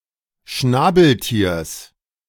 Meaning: genitive singular of Schnabeltier
- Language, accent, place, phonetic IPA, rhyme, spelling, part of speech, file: German, Germany, Berlin, [ˈʃnaːbl̩ˌtiːɐ̯s], -aːbl̩tiːɐ̯s, Schnabeltiers, noun, De-Schnabeltiers.ogg